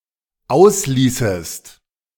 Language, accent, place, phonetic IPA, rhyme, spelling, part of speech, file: German, Germany, Berlin, [ˈaʊ̯sˌliːsəst], -aʊ̯sliːsəst, ausließest, verb, De-ausließest.ogg
- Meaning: second-person singular dependent subjunctive II of auslassen